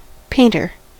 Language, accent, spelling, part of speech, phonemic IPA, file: English, US, painter, noun, /ˈpeɪntɚ/, En-us-painter.ogg
- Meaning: 1. An artist who paints pictures 2. A laborer or workman who paints surfaces using a paintbrush or other means